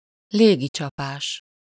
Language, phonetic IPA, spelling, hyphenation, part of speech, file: Hungarian, [ˈleːɡit͡ʃɒpaːʃ], légicsapás, lé‧gi‧csa‧pás, noun, Hu-légicsapás.ogg
- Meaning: airstrike